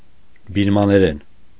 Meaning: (noun) Burmese (language); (adverb) in Burmese; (adjective) Burmese (of or pertaining to the language)
- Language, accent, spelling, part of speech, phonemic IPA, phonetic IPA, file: Armenian, Eastern Armenian, բիրմաներեն, noun / adverb / adjective, /biɾmɑneˈɾen/, [biɾmɑneɾén], Hy-բիրմաներեն.ogg